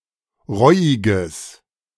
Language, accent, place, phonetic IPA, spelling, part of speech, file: German, Germany, Berlin, [ˈʁɔɪ̯ɪɡəs], reuiges, adjective, De-reuiges.ogg
- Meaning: strong/mixed nominative/accusative neuter singular of reuig